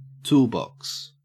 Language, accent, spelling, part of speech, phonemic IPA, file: English, Australia, toolbox, noun, /ˈtʉːlˌbɔks/, En-au-toolbox.ogg
- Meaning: 1. A storage case for tools 2. A set of pre-existing routines for use in writing new programs 3. A set of skills or competences 4. Dumbass or idiot